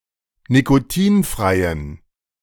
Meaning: inflection of nikotinfrei: 1. strong genitive masculine/neuter singular 2. weak/mixed genitive/dative all-gender singular 3. strong/weak/mixed accusative masculine singular 4. strong dative plural
- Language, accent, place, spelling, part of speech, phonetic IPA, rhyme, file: German, Germany, Berlin, nikotinfreien, adjective, [nikoˈtiːnfʁaɪ̯ən], -iːnfʁaɪ̯ən, De-nikotinfreien.ogg